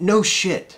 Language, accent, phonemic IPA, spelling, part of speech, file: English, US, /noʊ ˈʃɪt/, no shit, interjection, En-us-no shit.ogg
- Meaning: 1. Used other than figuratively or idiomatically: see no, shit 2. An exclamation of amazement or disbelief 3. An ironic response to a statement of the obvious